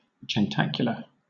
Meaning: Of or pertaining to breakfast; specifically, one taken early in the morning or immediately upon getting up
- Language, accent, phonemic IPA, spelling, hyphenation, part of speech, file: English, Southern England, /d͡ʒɛnˈtækjʊlə/, jentacular, jen‧ta‧cul‧ar, adjective, LL-Q1860 (eng)-jentacular.wav